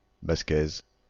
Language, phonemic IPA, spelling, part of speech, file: French, /bas.kɛz/, basquaise, adjective, Fr-basquaise.ogg
- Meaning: feminine singular of basquais